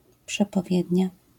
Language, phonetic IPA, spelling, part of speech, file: Polish, [ˌpʃɛpɔˈvʲjɛdʲɲa], przepowiednia, noun, LL-Q809 (pol)-przepowiednia.wav